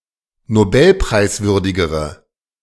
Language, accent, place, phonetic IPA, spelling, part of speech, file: German, Germany, Berlin, [noˈbɛlpʁaɪ̯sˌvʏʁdɪɡəʁə], nobelpreiswürdigere, adjective, De-nobelpreiswürdigere.ogg
- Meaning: inflection of nobelpreiswürdig: 1. strong/mixed nominative/accusative feminine singular comparative degree 2. strong nominative/accusative plural comparative degree